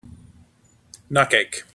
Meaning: Indian corn parched and pounded into meal (powder), used as food by Native Americans, sometimes mixed with maple sugar
- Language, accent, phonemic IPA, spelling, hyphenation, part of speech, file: English, General American, /ˈnoʊˌkeɪk/, nocake, no‧cake, noun, En-us-nocake.mp3